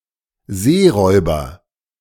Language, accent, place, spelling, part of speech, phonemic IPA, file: German, Germany, Berlin, Seeräuber, noun, /ˈzeːˌʁɔʏ̯bɐ/, De-Seeräuber.ogg
- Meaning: pirate (male or of unspecified gender)